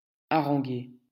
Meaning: 1. to harangue 2. to excite, to rile up (especially a crowd)
- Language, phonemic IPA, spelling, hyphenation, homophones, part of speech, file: French, /a.ʁɑ̃.ɡe/, haranguer, ha‧ran‧guer, haranguai / harangué / haranguée / haranguées / harangués / haranguez, verb, LL-Q150 (fra)-haranguer.wav